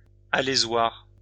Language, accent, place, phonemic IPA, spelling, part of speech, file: French, France, Lyon, /a.le.zwaʁ/, alésoir, noun, LL-Q150 (fra)-alésoir.wav
- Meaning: reamer (tool used to precisely bore holes or cavities)